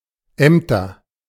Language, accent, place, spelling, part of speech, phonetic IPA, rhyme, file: German, Germany, Berlin, Ämter, noun, [ˈɛmtɐ], -ɛmtɐ, De-Ämter.ogg
- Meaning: plural of Amt